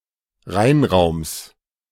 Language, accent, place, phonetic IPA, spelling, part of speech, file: German, Germany, Berlin, [ˈʁaɪ̯nˌʁaʊ̯ms], Reinraums, noun, De-Reinraums.ogg
- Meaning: genitive singular of Reinraum